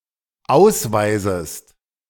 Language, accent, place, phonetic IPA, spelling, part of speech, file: German, Germany, Berlin, [ˈaʊ̯sˌvaɪ̯zəst], ausweisest, verb, De-ausweisest.ogg
- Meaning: second-person singular dependent subjunctive I of ausweisen